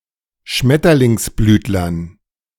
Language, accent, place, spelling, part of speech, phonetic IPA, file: German, Germany, Berlin, Schmetterlingsblütlern, noun, [ˈʃmɛtɐlɪŋsˌblyːtlɐn], De-Schmetterlingsblütlern.ogg
- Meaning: dative plural of Schmetterlingsblütler